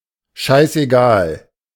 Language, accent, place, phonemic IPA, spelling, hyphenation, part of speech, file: German, Germany, Berlin, /ˈʃaɪs.ʔe.ˌɡaːl/, scheißegal, scheiß‧egal, adjective, De-scheißegal.ogg
- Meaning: totally unimportant, doesn't fucking matter